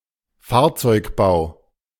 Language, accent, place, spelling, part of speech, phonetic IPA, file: German, Germany, Berlin, Fahrzeugbau, noun, [ˈfaːɐ̯t͡sɔɪ̯kˌbaʊ̯], De-Fahrzeugbau.ogg
- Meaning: vehicle construction / manufacture